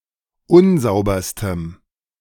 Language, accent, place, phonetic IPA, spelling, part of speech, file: German, Germany, Berlin, [ˈʊnˌzaʊ̯bɐstəm], unsauberstem, adjective, De-unsauberstem.ogg
- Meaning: strong dative masculine/neuter singular superlative degree of unsauber